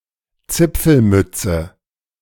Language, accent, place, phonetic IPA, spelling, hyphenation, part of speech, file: German, Germany, Berlin, [ˈt͡sɪp͡fl̩ˌmʏt͡sə], Zipfelmütze, Zip‧fel‧müt‧ze, noun, De-Zipfelmütze.ogg
- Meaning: pointed cap